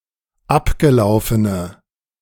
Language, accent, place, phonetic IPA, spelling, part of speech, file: German, Germany, Berlin, [ˈapɡəˌlaʊ̯fənə], abgelaufene, adjective, De-abgelaufene.ogg
- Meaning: inflection of abgelaufen: 1. strong/mixed nominative/accusative feminine singular 2. strong nominative/accusative plural 3. weak nominative all-gender singular